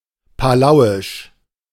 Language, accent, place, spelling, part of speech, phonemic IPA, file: German, Germany, Berlin, palauisch, adjective, /ˈpaːlaʊ̯ɪʃ/, De-palauisch.ogg
- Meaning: of Palau; Palauan